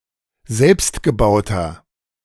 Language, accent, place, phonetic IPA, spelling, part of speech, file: German, Germany, Berlin, [ˈzɛlpstɡəˌbaʊ̯tɐ], selbstgebauter, adjective, De-selbstgebauter.ogg
- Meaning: inflection of selbstgebaut: 1. strong/mixed nominative masculine singular 2. strong genitive/dative feminine singular 3. strong genitive plural